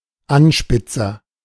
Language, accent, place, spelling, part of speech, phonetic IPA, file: German, Germany, Berlin, Anspitzer, noun, [ˈanˌʃpɪt͡sɐ], De-Anspitzer.ogg
- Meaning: sharpener, pencil sharpener